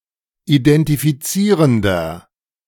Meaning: inflection of identifizierend: 1. strong/mixed nominative masculine singular 2. strong genitive/dative feminine singular 3. strong genitive plural
- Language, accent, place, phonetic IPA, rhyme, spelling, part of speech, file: German, Germany, Berlin, [idɛntifiˈt͡siːʁəndɐ], -iːʁəndɐ, identifizierender, adjective, De-identifizierender.ogg